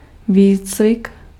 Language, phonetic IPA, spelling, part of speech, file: Czech, [ˈviːt͡svɪk], výcvik, noun, Cs-výcvik.ogg
- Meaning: training, exercise, drill